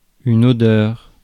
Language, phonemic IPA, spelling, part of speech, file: French, /ɔ.dœʁ/, odeur, noun, Fr-odeur.ogg
- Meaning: smell, odour